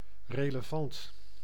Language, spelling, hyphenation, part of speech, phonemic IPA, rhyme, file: Dutch, relevant, re‧le‧vant, adjective, /reːləˈvɑnt/, -ɑnt, Nl-relevant.ogg
- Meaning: relevant